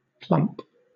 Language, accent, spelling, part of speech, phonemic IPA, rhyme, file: English, Southern England, plump, adjective / verb / adverb / noun, /plʌmp/, -ʌmp, LL-Q1860 (eng)-plump.wav
- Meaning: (adjective) 1. Having a full and rounded shape; chubby, somewhat overweight 2. Sudden and without reservation; blunt; direct; downright 3. Of a wine: giving the sensation of filling the mouth